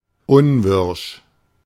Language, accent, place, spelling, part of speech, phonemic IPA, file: German, Germany, Berlin, unwirsch, adjective, /ˈʊnˌvɪʁʃ/, De-unwirsch.ogg
- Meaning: 1. surly, gruff, testy 2. angry, indignant, scornful 3. contemptible, dispicable, evil